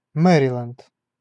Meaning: Maryland (a state of the United States; named for Queen Mary, queen consort of England, Scotland and Ireland)
- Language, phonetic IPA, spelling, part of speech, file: Russian, [ˈmɛrʲɪlʲɪnt], Мэриленд, proper noun, Ru-Мэриленд.ogg